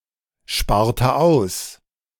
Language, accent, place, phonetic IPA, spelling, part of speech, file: German, Germany, Berlin, [ˌʃpaːɐ̯tə ˈaʊ̯s], sparte aus, verb, De-sparte aus.ogg
- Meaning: inflection of aussparen: 1. first/third-person singular preterite 2. first/third-person singular subjunctive II